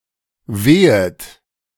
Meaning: second-person plural subjunctive I of wehen
- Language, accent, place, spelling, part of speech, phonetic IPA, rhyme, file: German, Germany, Berlin, wehet, verb, [ˈveːət], -eːət, De-wehet.ogg